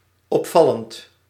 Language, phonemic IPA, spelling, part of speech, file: Dutch, /ɔpˈfɑlənt/, opvallend, adjective / verb, Nl-opvallend.ogg
- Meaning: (adjective) striking, notable; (verb) present participle of opvallen